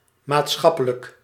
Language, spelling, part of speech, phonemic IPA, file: Dutch, maatschappelijk, adjective, /matsxɑpələk/, Nl-maatschappelijk.ogg
- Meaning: 1. societal 2. social